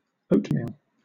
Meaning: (noun) 1. Meal made from rolled or round oats 2. A breakfast cereal made from rolled oats, cooked in milk or water 3. A light greyish brown colour, like that of oatmeal
- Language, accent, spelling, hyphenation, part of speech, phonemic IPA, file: English, Southern England, oatmeal, oat‧meal, noun / adjective, /ˈəʊtmiːl/, LL-Q1860 (eng)-oatmeal.wav